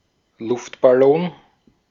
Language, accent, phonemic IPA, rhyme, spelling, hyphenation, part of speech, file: German, Austria, /ˈlʊftbaˌlɔŋ/, -ɔŋ, Luftballon, Luft‧bal‧lon, noun, De-at-Luftballon.ogg
- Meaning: 1. balloon 2. the constellation Globus aerostaticus